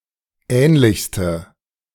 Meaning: inflection of ähnlich: 1. strong/mixed nominative/accusative feminine singular superlative degree 2. strong nominative/accusative plural superlative degree
- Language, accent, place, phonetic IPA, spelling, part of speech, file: German, Germany, Berlin, [ˈɛːnlɪçstə], ähnlichste, adjective, De-ähnlichste.ogg